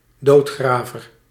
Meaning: 1. gravedigger 2. sexton beetle, burying beetle; beetle of the genus Nicrophorus 3. funeral director
- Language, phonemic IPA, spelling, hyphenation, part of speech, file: Dutch, /ˈdoːtˌxraː.vər/, doodgraver, dood‧gra‧ver, noun, Nl-doodgraver.ogg